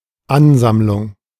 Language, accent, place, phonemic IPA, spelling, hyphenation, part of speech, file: German, Germany, Berlin, /ˈanˌzamlʊŋ/, Ansammlung, An‧samm‧lung, noun, De-Ansammlung.ogg
- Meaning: 1. gathering, collection, accumulation, assemblage 2. crowd